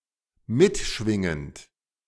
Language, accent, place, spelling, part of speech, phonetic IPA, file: German, Germany, Berlin, mitschwingend, verb, [ˈmɪtˌʃvɪŋənt], De-mitschwingend.ogg
- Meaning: present participle of mitschwingen